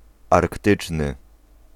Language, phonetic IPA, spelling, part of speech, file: Polish, [arkˈtɨt͡ʃnɨ], arktyczny, adjective, Pl-arktyczny.ogg